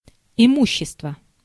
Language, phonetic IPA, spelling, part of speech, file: Russian, [ɪˈmuɕːɪstvə], имущество, noun, Ru-имущество.ogg
- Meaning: property, belongings